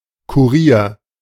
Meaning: courier, messenger
- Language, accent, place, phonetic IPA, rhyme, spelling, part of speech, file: German, Germany, Berlin, [kuˈʁiːɐ̯], -iːɐ̯, Kurier, noun, De-Kurier.ogg